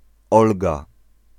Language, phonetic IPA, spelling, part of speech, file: Polish, [ˈɔlɡa], Olga, proper noun, Pl-Olga.ogg